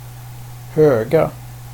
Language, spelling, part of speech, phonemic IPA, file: Swedish, höga, adjective / verb, /høːɡa/, Sv-höga.ogg
- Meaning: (adjective) inflection of hög: 1. definite singular 2. plural; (verb) to pile, to put (snow) in a (neat) pile (rather than just shovel it to the side at random)